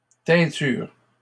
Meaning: 1. a liquid dye, colourant 2. a color, shade thus applied 3. a dying job, process 4. a solution in liquids such as alcohol, notably in pharmacy 5. a superficial knowledge
- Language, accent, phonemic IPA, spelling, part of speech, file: French, Canada, /tɛ̃.tyʁ/, teinture, noun, LL-Q150 (fra)-teinture.wav